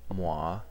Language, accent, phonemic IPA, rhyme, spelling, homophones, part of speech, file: English, US, /mwɑː/, -ɑː, moi, mwah, pronoun, En-us-moi.ogg
- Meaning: Me